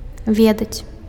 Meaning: to know
- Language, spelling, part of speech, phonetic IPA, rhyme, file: Belarusian, ведаць, verb, [ˈvʲedat͡sʲ], -edat͡sʲ, Be-ведаць.ogg